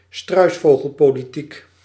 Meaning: an evasive style of politics that fails to address problems by either ignoring them or by creating a false sense of security through (known) ineffective measures; ostrich politics
- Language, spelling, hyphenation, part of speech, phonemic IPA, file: Dutch, struisvogelpolitiek, struis‧vo‧gel‧po‧li‧tiek, noun, /ˈstrœy̯s.foː.ɣəl.poː.liˌtik/, Nl-struisvogelpolitiek.ogg